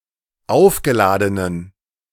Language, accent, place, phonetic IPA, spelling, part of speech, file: German, Germany, Berlin, [ˈaʊ̯fɡəˌlaːdənən], aufgeladenen, adjective, De-aufgeladenen.ogg
- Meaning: inflection of aufgeladen: 1. strong genitive masculine/neuter singular 2. weak/mixed genitive/dative all-gender singular 3. strong/weak/mixed accusative masculine singular 4. strong dative plural